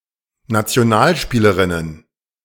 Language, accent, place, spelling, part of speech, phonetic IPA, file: German, Germany, Berlin, Nationalspielerinnen, noun, [nat͡si̯oˈnaːlˌʃpiːləʁɪnən], De-Nationalspielerinnen.ogg
- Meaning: plural of Nationalspielerin